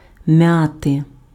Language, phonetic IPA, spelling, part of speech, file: Ukrainian, [ˈmjate], м'яти, verb / noun, Uk-м'яти.ogg
- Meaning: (verb) to rumple, to crumple, to wrinkle, to fumble, to crease; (noun) genitive singular of м'я́та (mʺjáta, “mint”)